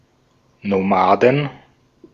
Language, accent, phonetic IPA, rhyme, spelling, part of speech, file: German, Austria, [noˈmaːdn̩], -aːdn̩, Nomaden, noun, De-at-Nomaden.ogg
- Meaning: 1. genitive singular of Nomade 2. plural of Nomade